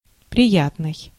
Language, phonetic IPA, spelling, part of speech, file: Russian, [prʲɪˈjatnɨj], приятный, adjective, Ru-приятный.ogg
- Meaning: pleasant, pleasing, agreeable